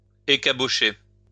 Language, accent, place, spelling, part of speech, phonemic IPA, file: French, France, Lyon, écabocher, verb, /e.ka.bɔ.ʃe/, LL-Q150 (fra)-écabocher.wav
- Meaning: to cut off the tops of tobacco leaves